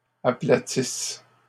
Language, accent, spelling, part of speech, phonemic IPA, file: French, Canada, aplatissent, verb, /a.pla.tis/, LL-Q150 (fra)-aplatissent.wav
- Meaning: inflection of aplatir: 1. third-person plural present indicative/subjunctive 2. third-person plural imperfect subjunctive